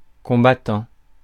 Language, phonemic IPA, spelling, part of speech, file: French, /kɔ̃.ba.tɑ̃/, combattant, verb / noun, Fr-combattant.ogg
- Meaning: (verb) present participle of combattre; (noun) combatant; fighter